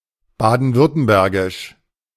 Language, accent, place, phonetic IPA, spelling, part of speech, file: German, Germany, Berlin, [ˌbaːdn̩ˈvʏʁtəmbɛʁɡɪʃ], baden-württembergisch, adjective, De-baden-württembergisch.ogg
- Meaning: of Baden-Württemberg